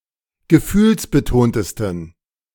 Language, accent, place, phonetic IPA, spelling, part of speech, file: German, Germany, Berlin, [ɡəˈfyːlsbəˌtoːntəstn̩], gefühlsbetontesten, adjective, De-gefühlsbetontesten.ogg
- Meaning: 1. superlative degree of gefühlsbetont 2. inflection of gefühlsbetont: strong genitive masculine/neuter singular superlative degree